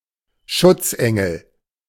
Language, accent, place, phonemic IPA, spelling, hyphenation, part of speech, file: German, Germany, Berlin, /ˈʃʊtsˌɛŋəl/, Schutzengel, Schutz‧en‧gel, noun, De-Schutzengel.ogg
- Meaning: guardian angel